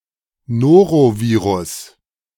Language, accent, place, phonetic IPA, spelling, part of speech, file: German, Germany, Berlin, [ˈnoːʁoˌviːʁʊs], Norovirus, noun, De-Norovirus.ogg
- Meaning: norovirus